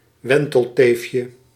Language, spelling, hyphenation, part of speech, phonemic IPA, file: Dutch, wentelteefje, wen‧tel‧teef‧je, noun, /ˈʋɛn.təlˌteːf.jə/, Nl-wentelteefje.ogg
- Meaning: 1. French toast 2. sometimes used as a pet name for women; cutie pie, cupcake, candy, pumpkin